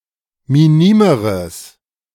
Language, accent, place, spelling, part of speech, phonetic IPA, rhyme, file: German, Germany, Berlin, minimeres, adjective, [miˈniːməʁəs], -iːməʁəs, De-minimeres.ogg
- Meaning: strong/mixed nominative/accusative neuter singular comparative degree of minim